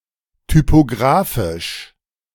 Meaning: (adjective) alternative form of typografisch
- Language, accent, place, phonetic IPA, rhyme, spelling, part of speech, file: German, Germany, Berlin, [typoˈɡʁaːfɪʃ], -aːfɪʃ, typographisch, adjective, De-typographisch.ogg